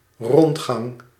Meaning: a tour
- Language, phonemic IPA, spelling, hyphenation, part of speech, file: Dutch, /ˈrɔntxɑŋ/, rondgang, rond‧gang, noun, Nl-rondgang.ogg